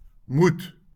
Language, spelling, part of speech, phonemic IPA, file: Afrikaans, moet, verb / noun / preposition, /mut/, LL-Q14196 (afr)-moet.wav
- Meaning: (verb) must; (noun) a must; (preposition) alternative form of met